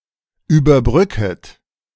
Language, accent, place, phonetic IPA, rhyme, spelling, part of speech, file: German, Germany, Berlin, [yːbɐˈbʁʏkət], -ʏkət, überbrücket, verb, De-überbrücket.ogg
- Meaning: second-person plural subjunctive I of überbrücken